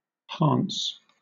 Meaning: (verb) To raise, to elevate; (noun) 1. A curve or arc, especially in architecture or in the design of a ship 2. The arc of smaller radius at the springing of an elliptical or many-centred arch
- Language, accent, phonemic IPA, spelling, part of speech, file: English, Southern England, /hɑːns/, hance, verb / noun, LL-Q1860 (eng)-hance.wav